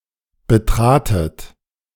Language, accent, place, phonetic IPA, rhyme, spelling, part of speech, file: German, Germany, Berlin, [bəˈtʁaːtət], -aːtət, betratet, verb, De-betratet.ogg
- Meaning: second-person plural preterite of betreten